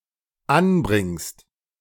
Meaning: second-person singular dependent present of anbringen
- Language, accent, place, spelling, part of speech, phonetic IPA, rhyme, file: German, Germany, Berlin, anbringst, verb, [ˈanˌbʁɪŋst], -anbʁɪŋst, De-anbringst.ogg